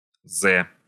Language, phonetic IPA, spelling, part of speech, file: Russian, [zɛ], зэ, noun, Ru-зэ.ogg
- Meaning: the Cyrillic letter З (Z), з (z)